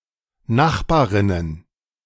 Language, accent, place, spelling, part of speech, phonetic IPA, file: German, Germany, Berlin, Nachbarinnen, noun, [ˈnaxbaːʁɪnən], De-Nachbarinnen.ogg
- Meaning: plural of Nachbarin